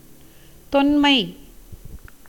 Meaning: 1. oldness, antiquity 2. narrative poem interspersed with prose, having for its subject an ancient story
- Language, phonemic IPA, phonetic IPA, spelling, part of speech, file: Tamil, /t̪onmɐɪ̯/, [t̪o̞nmɐɪ̯], தொன்மை, noun, Ta-தொன்மை.ogg